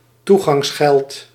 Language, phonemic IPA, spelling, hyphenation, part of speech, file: Dutch, /ˈtu.ɣɑŋsˌxɛlt/, toegangsgeld, toe‧gangs‧geld, noun, Nl-toegangsgeld.ogg
- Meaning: access fee, entrance fee